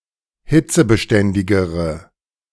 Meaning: inflection of hitzebeständig: 1. strong/mixed nominative/accusative feminine singular comparative degree 2. strong nominative/accusative plural comparative degree
- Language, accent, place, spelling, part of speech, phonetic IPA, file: German, Germany, Berlin, hitzebeständigere, adjective, [ˈhɪt͡səbəˌʃtɛndɪɡəʁə], De-hitzebeständigere.ogg